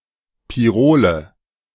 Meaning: nominative/accusative/genitive plural of Pirol
- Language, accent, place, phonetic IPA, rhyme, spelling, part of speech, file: German, Germany, Berlin, [piˈʁoːlə], -oːlə, Pirole, noun, De-Pirole.ogg